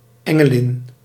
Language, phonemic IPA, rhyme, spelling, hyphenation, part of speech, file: Dutch, /ˌɛ.ŋəˈlɪn/, -ɪn, engelin, en‧ge‧lin, noun, Nl-engelin.ogg
- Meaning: 1. female angel 2. Affectionate, often romantic term for a woman